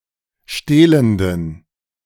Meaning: inflection of stehlend: 1. strong genitive masculine/neuter singular 2. weak/mixed genitive/dative all-gender singular 3. strong/weak/mixed accusative masculine singular 4. strong dative plural
- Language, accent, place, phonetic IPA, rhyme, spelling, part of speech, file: German, Germany, Berlin, [ˈʃteːləndn̩], -eːləndn̩, stehlenden, adjective, De-stehlenden.ogg